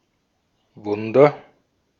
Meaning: 1. miracle 2. wonder
- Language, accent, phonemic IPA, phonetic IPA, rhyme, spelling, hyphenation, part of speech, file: German, Austria, /ˈvʊndəʁ/, [ˈvʊndɐ], -ʊndɐ, Wunder, Wun‧der, noun, De-at-Wunder.ogg